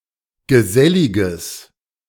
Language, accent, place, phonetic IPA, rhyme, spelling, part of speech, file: German, Germany, Berlin, [ɡəˈzɛlɪɡəs], -ɛlɪɡəs, geselliges, adjective, De-geselliges.ogg
- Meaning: strong/mixed nominative/accusative neuter singular of gesellig